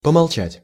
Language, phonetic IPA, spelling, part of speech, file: Russian, [pəmɐɫˈt͡ɕætʲ], помолчать, verb, Ru-помолчать.ogg
- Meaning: to keep silent, to be silent (for a while)